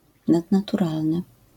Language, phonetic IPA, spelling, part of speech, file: Polish, [ˌnadnatuˈralnɨ], nadnaturalny, adjective, LL-Q809 (pol)-nadnaturalny.wav